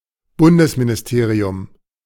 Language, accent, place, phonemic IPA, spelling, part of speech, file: German, Germany, Berlin, /ˈbʊndəsmɪnɪsˌteːʁi̯ʊm/, Bundesministerium, noun, De-Bundesministerium.ogg
- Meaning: federal ministry